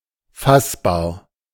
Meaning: 1. tangible 2. comprehensible, understandable
- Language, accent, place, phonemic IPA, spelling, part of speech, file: German, Germany, Berlin, /ˈfasbaːɐ̯/, fassbar, adjective, De-fassbar.ogg